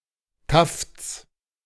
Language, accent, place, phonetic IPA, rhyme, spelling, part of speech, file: German, Germany, Berlin, [taft͡s], -aft͡s, Tafts, noun, De-Tafts.ogg
- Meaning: genitive of Taft